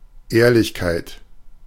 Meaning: honesty
- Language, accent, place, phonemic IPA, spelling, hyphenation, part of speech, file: German, Germany, Berlin, /ˈeːɐ̯lɪçkaɪt/, Ehrlichkeit, Ehr‧lich‧keit, noun, De-Ehrlichkeit.ogg